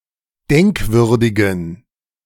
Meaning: inflection of denkwürdig: 1. strong genitive masculine/neuter singular 2. weak/mixed genitive/dative all-gender singular 3. strong/weak/mixed accusative masculine singular 4. strong dative plural
- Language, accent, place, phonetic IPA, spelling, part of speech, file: German, Germany, Berlin, [ˈdɛŋkˌvʏʁdɪɡn̩], denkwürdigen, adjective, De-denkwürdigen.ogg